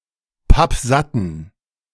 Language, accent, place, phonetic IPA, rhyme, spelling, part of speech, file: German, Germany, Berlin, [ˈpapˈzatn̩], -atn̩, pappsatten, adjective, De-pappsatten.ogg
- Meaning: inflection of pappsatt: 1. strong genitive masculine/neuter singular 2. weak/mixed genitive/dative all-gender singular 3. strong/weak/mixed accusative masculine singular 4. strong dative plural